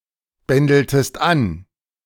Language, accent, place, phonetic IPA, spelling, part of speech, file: German, Germany, Berlin, [ˌbɛndl̩təst ˈan], bändeltest an, verb, De-bändeltest an.ogg
- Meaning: inflection of anbändeln: 1. second-person singular preterite 2. second-person singular subjunctive II